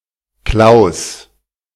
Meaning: a male given name, a less common variant of Klaus
- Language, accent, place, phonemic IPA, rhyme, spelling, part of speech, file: German, Germany, Berlin, /klaʊ̯s/, -aʊ̯s, Claus, proper noun, De-Claus.ogg